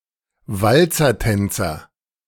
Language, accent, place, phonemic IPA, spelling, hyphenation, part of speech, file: German, Germany, Berlin, /ˈvalt͡sɐˌtɛnt͡sɐ/, Walzertänzer, Wal‧zer‧tän‧zer, noun, De-Walzertänzer.ogg
- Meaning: waltz dancer